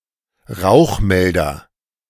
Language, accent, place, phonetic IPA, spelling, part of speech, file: German, Germany, Berlin, [ˈʁaʊ̯xˌmɛldɐ], Rauchmelder, noun, De-Rauchmelder.ogg
- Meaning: smoke detector